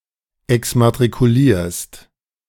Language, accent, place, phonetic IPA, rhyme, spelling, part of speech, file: German, Germany, Berlin, [ɛksmatʁikuˈliːɐ̯st], -iːɐ̯st, exmatrikulierst, verb, De-exmatrikulierst.ogg
- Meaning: second-person singular present of exmatrikulieren